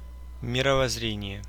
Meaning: worldview, weltanschauung
- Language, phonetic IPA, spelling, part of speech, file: Russian, [mʲɪrəvɐz(ː)ˈrʲenʲɪje], мировоззрение, noun, Ru-мировоззре́ние.ogg